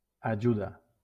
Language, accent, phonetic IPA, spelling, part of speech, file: Catalan, Valencia, [aˈd͡ʒu.ða], ajuda, noun / verb, LL-Q7026 (cat)-ajuda.wav
- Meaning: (noun) help, assistance, aid; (verb) inflection of ajudar: 1. third-person singular present indicative 2. second-person singular imperative